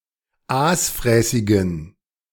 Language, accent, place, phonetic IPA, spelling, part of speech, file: German, Germany, Berlin, [ˈaːsˌfʁɛːsɪɡn̩], aasfräßigen, adjective, De-aasfräßigen.ogg
- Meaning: inflection of aasfräßig: 1. strong genitive masculine/neuter singular 2. weak/mixed genitive/dative all-gender singular 3. strong/weak/mixed accusative masculine singular 4. strong dative plural